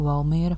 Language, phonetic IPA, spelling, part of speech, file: Latvian, [vàlmīɛ̄ɾa], Valmiera, proper noun, Lv-Valmiera.ogg
- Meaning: Valmiera (the largest city in the Vidzeme region, in north-central Latvia)